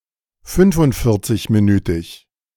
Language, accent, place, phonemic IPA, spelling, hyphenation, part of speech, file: German, Germany, Berlin, /ˈfʏnf(.)ʊntfɪɐ̯tsɪçmiˌnyːtɪç/, fünfundvierzigminütig, fünf‧und‧vier‧zig‧mi‧nü‧tig, adjective, De-fünfundvierzigminütig.ogg
- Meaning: forty-five-minute